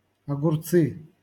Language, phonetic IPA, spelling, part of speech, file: Russian, [ɐɡʊrˈt͡sɨ], огурцы, noun, LL-Q7737 (rus)-огурцы.wav
- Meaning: nominative/accusative plural of огуре́ц (oguréc)